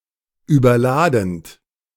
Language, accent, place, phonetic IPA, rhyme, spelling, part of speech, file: German, Germany, Berlin, [yːbɐˈlaːdn̩t], -aːdn̩t, überladend, verb, De-überladend.ogg
- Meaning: present participle of überladen